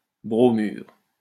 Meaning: bromide
- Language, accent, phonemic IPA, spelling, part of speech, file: French, France, /bʁɔ.myʁ/, bromure, noun, LL-Q150 (fra)-bromure.wav